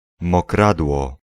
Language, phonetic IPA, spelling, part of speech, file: Polish, [mɔˈkradwɔ], mokradło, noun, Pl-mokradło.ogg